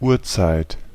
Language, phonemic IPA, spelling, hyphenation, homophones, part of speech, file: German, /ˈuːɐ̯ˌt͡saɪ̯t/, Uhrzeit, Uhr‧zeit, Urzeit, noun, De-Uhrzeit.ogg
- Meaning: time, time of day (time according to the clock)